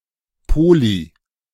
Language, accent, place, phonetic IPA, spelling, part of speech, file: German, Germany, Berlin, [poli], poly-, prefix, De-poly-.ogg
- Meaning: poly-